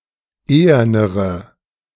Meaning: inflection of ehern: 1. strong/mixed nominative/accusative feminine singular comparative degree 2. strong nominative/accusative plural comparative degree
- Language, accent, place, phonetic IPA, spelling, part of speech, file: German, Germany, Berlin, [ˈeːɐnəʁə], ehernere, adjective, De-ehernere.ogg